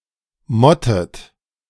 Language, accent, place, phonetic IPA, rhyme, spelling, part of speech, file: German, Germany, Berlin, [ˈmɔtət], -ɔtət, mottet, verb, De-mottet.ogg
- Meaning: inflection of motten: 1. second-person plural present 2. second-person plural subjunctive I 3. third-person singular present 4. plural imperative